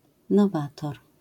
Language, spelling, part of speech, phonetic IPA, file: Polish, nowator, noun, [nɔˈvatɔr], LL-Q809 (pol)-nowator.wav